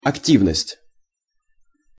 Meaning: activity
- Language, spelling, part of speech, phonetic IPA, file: Russian, активность, noun, [ɐkˈtʲivnəsʲtʲ], Ru-активность.ogg